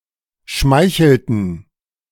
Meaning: inflection of schmeicheln: 1. first/third-person plural preterite 2. first/third-person plural subjunctive II
- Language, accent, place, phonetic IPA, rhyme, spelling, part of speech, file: German, Germany, Berlin, [ˈʃmaɪ̯çl̩tn̩], -aɪ̯çl̩tn̩, schmeichelten, verb, De-schmeichelten.ogg